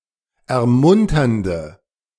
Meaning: inflection of ermunternd: 1. strong/mixed nominative/accusative feminine singular 2. strong nominative/accusative plural 3. weak nominative all-gender singular
- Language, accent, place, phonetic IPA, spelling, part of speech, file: German, Germany, Berlin, [ɛɐ̯ˈmʊntɐndə], ermunternde, adjective, De-ermunternde.ogg